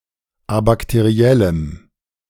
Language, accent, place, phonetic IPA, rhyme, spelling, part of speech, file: German, Germany, Berlin, [abaktəˈʁi̯ɛləm], -ɛləm, abakteriellem, adjective, De-abakteriellem.ogg
- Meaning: strong dative masculine/neuter singular of abakteriell